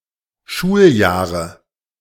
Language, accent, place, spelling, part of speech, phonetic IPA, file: German, Germany, Berlin, Schuljahre, noun, [ˈʃuːlˌjaːʁə], De-Schuljahre.ogg
- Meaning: nominative/accusative/genitive plural of Schuljahr